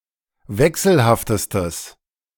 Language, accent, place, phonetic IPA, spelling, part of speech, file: German, Germany, Berlin, [ˈvɛksl̩haftəstəs], wechselhaftestes, adjective, De-wechselhaftestes.ogg
- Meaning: strong/mixed nominative/accusative neuter singular superlative degree of wechselhaft